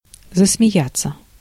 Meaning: to laugh, to start laughing
- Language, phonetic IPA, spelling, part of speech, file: Russian, [zəsmʲɪˈjat͡sːə], засмеяться, verb, Ru-засмеяться.ogg